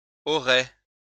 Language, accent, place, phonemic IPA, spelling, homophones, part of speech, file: French, France, Lyon, /ɔ.ʁɛ/, auraient, aurais / aurait, verb, LL-Q150 (fra)-auraient.wav
- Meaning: third-person plural conditional of avoir